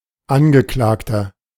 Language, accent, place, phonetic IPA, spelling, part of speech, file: German, Germany, Berlin, [ˈanɡəˌklaːktɐ], Angeklagter, noun, De-Angeklagter.ogg
- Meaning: 1. defendant (person prosecuted or sued) (male or of unspecified gender) 2. inflection of Angeklagte: strong genitive/dative singular 3. inflection of Angeklagte: strong genitive plural